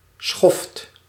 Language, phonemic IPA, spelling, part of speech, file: Dutch, /sxɔft/, schoft, noun, Nl-schoft.ogg
- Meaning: 1. withers 2. bastard, trash, a person with no moral